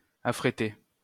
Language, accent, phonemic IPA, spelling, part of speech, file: French, France, /a.fʁe.te/, affréter, verb, LL-Q150 (fra)-affréter.wav
- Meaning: to charter (a plane)